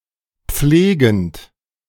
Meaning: present participle of pflegen
- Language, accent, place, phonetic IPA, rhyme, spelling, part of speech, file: German, Germany, Berlin, [ˈp͡fleːɡn̩t], -eːɡn̩t, pflegend, verb, De-pflegend.ogg